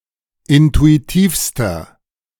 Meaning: inflection of intuitiv: 1. strong/mixed nominative masculine singular superlative degree 2. strong genitive/dative feminine singular superlative degree 3. strong genitive plural superlative degree
- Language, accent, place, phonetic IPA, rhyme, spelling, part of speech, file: German, Germany, Berlin, [ˌɪntuiˈtiːfstɐ], -iːfstɐ, intuitivster, adjective, De-intuitivster.ogg